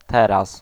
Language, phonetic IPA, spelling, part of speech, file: Polish, [ˈtɛras], teraz, adverb, Pl-teraz.ogg